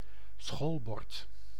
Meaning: blackboard
- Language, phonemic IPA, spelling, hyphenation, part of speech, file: Dutch, /ˈsxolbɔrt/, schoolbord, school‧bord, noun, Nl-schoolbord.ogg